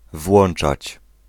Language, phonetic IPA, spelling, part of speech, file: Polish, [ˈvwɔ̃n͇t͡ʃat͡ɕ], włączać, verb, Pl-włączać.ogg